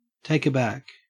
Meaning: 1. To surprise or shock; to discomfit 2. Of a ship: to catch it with the sails aback suddenly
- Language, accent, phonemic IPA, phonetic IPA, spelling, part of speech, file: English, Australia, /ˌtæɪk əˈbæk/, [ˌtʰæɪ̯.k‿əˈbæk], take aback, verb, En-au-take aback.ogg